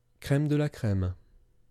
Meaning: crème de la crème (the best of something)
- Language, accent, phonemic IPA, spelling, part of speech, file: French, France, /kʁɛm də la kʁɛm/, crème de la crème, noun, Crème de la crème french pronunciation.wav